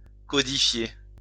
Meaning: to codify
- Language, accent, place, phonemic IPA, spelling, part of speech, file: French, France, Lyon, /kɔ.di.fje/, codifier, verb, LL-Q150 (fra)-codifier.wav